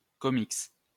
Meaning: comic strip
- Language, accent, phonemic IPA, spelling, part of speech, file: French, France, /kɔ.miks/, comics, noun, LL-Q150 (fra)-comics.wav